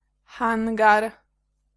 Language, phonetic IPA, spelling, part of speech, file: Polish, [ˈxãŋɡar], hangar, noun, Pl-hangar.ogg